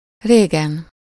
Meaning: long time ago, long ago
- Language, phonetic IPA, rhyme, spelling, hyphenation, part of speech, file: Hungarian, [ˈreːɡɛn], -ɛn, régen, ré‧gen, adverb, Hu-régen.ogg